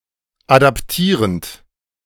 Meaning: present participle of adaptieren
- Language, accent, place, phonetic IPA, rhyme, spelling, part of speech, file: German, Germany, Berlin, [ˌadapˈtiːʁənt], -iːʁənt, adaptierend, verb, De-adaptierend.ogg